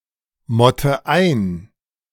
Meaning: inflection of einmotten: 1. first-person singular present 2. first/third-person singular subjunctive I 3. singular imperative
- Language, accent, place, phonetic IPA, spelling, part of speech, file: German, Germany, Berlin, [ˌmɔtə ˈaɪ̯n], motte ein, verb, De-motte ein.ogg